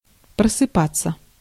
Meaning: to wake up, to awaken
- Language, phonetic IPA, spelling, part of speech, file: Russian, [prəsɨˈpat͡sːə], просыпаться, verb, Ru-просыпаться.ogg